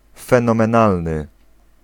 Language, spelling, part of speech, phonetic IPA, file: Polish, fenomenalny, adjective, [ˌfɛ̃nɔ̃mɛ̃ˈnalnɨ], Pl-fenomenalny.ogg